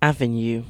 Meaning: A broad street, especially one bordered by trees or, in cities laid out in a grid pattern, one that is on a particular side of the city or that runs in a particular direction
- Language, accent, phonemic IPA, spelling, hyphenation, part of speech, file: English, UK, /ˈæv.əˌnjuː/, avenue, av‧e‧nue, noun, En-uk-avenue.ogg